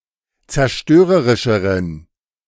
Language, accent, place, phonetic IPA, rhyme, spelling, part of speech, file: German, Germany, Berlin, [t͡sɛɐ̯ˈʃtøːʁəʁɪʃəʁən], -øːʁəʁɪʃəʁən, zerstörerischeren, adjective, De-zerstörerischeren.ogg
- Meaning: inflection of zerstörerisch: 1. strong genitive masculine/neuter singular comparative degree 2. weak/mixed genitive/dative all-gender singular comparative degree